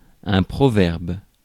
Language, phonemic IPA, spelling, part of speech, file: French, /pʁɔ.vɛʁb/, proverbe, noun, Fr-proverbe.ogg
- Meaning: proverb, saying